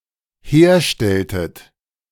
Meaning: inflection of herstellen: 1. second-person plural dependent preterite 2. second-person plural dependent subjunctive II
- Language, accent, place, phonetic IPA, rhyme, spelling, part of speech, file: German, Germany, Berlin, [ˈheːɐ̯ˌʃtɛltət], -eːɐ̯ʃtɛltət, herstelltet, verb, De-herstelltet.ogg